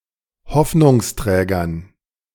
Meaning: dative plural of Hoffnungsträger
- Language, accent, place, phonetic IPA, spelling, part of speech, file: German, Germany, Berlin, [ˈhɔfnʊŋsˌtʁɛːɡɐn], Hoffnungsträgern, noun, De-Hoffnungsträgern.ogg